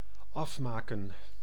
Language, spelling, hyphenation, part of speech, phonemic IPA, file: Dutch, afmaken, af‧ma‧ken, verb, /ˈɑf.maː.kə(n)/, Nl-afmaken.ogg
- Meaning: 1. to finish 2. to kill, to finish off